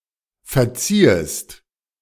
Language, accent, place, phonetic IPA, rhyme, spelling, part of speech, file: German, Germany, Berlin, [fɛɐ̯ˈt͡siːəst], -iːəst, verziehest, verb, De-verziehest.ogg
- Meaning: 1. second-person singular subjunctive II of verzeihen 2. second-person singular subjunctive I of verziehen